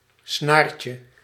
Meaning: diminutive of snaar
- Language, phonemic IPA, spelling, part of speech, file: Dutch, /ˈsnarcə/, snaartje, noun, Nl-snaartje.ogg